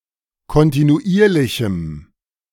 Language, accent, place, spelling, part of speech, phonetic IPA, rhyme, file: German, Germany, Berlin, kontinuierlichem, adjective, [kɔntinuˈʔiːɐ̯lɪçm̩], -iːɐ̯lɪçm̩, De-kontinuierlichem.ogg
- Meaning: strong dative masculine/neuter singular of kontinuierlich